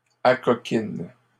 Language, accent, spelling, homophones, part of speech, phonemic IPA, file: French, Canada, acoquines, acoquine / acoquinent, verb, /a.kɔ.kin/, LL-Q150 (fra)-acoquines.wav
- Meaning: second-person singular present indicative/subjunctive of acoquiner